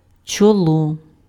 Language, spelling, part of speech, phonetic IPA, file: Ukrainian, чоло, noun, [t͡ʃɔˈɫɔ], Uk-чоло.ogg
- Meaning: forehead